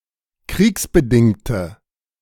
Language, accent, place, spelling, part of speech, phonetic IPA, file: German, Germany, Berlin, kriegsbedingte, adjective, [ˈkʁiːksbəˌdɪŋtə], De-kriegsbedingte.ogg
- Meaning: inflection of kriegsbedingt: 1. strong/mixed nominative/accusative feminine singular 2. strong nominative/accusative plural 3. weak nominative all-gender singular